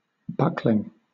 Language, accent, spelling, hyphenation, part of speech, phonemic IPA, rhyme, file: English, Southern England, buckling, buck‧ling, noun, /ˈbʌk.lɪŋ/, -ʌklɪŋ, LL-Q1860 (eng)-buckling.wav
- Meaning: A young male domestic goat of between one and two years